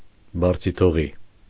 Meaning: abandoned, forsaken
- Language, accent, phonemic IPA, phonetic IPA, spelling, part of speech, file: Armenian, Eastern Armenian, /bɑɾt͡sʰitʰoˈʁi/, [bɑɾt͡sʰitʰoʁí], բարձիթողի, adjective, Hy-բարձիթողի.ogg